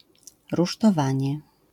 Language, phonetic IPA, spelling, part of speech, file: Polish, [ˌruʃtɔˈvãɲɛ], rusztowanie, noun, LL-Q809 (pol)-rusztowanie.wav